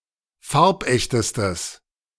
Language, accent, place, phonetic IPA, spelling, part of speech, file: German, Germany, Berlin, [ˈfaʁpˌʔɛçtəstəs], farbechtestes, adjective, De-farbechtestes.ogg
- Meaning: strong/mixed nominative/accusative neuter singular superlative degree of farbecht